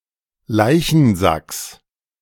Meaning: genitive singular of Leichensack
- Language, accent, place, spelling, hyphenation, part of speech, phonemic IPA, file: German, Germany, Berlin, Leichensacks, Lei‧chen‧sacks, noun, /ˈlaɪ̯çənˌzaks/, De-Leichensacks.ogg